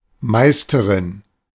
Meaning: female equivalent of Meister
- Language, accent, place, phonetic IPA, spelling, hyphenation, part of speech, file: German, Germany, Berlin, [ˈmaɪ̯stəʁɪn], Meisterin, Meis‧te‧rin, noun, De-Meisterin.ogg